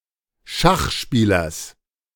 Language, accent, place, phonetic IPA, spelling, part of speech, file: German, Germany, Berlin, [ˈʃaxˌʃpiːlɐs], Schachspielers, noun, De-Schachspielers.ogg
- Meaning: genitive singular of Schachspieler